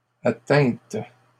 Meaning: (verb) feminine plural of atteint; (noun) plural of atteinte
- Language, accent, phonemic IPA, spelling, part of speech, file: French, Canada, /a.tɛ̃t/, atteintes, verb / noun, LL-Q150 (fra)-atteintes.wav